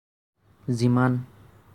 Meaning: as much
- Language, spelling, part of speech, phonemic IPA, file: Assamese, যিমান, adverb, /zi.mɑn/, As-যিমান.ogg